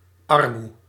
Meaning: alternative form of armoede
- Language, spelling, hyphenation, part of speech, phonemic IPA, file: Dutch, armoe, ar‧moe, noun, /ˈɑr.mu/, Nl-armoe.ogg